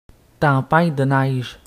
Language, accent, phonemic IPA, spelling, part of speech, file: French, Quebec, /tɑ̃.pɛt də nɛʒ/, tempête de neige, noun, Qc-tempête de neige.ogg
- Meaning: snowstorm (bad weather involving blowing winds and snow)